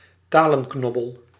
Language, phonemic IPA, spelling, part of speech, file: Dutch, /ˈtaː.lə(n)ˌknɔ.bəl/, talenknobbel, noun, Nl-talenknobbel.ogg
- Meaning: an aptitude for language, language skill